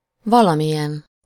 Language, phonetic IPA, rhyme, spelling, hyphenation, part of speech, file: Hungarian, [ˈvɒlɒmijɛn], -ɛn, valamilyen, va‧la‧mi‧lyen, pronoun, Hu-valamilyen.ogg
- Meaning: some kind of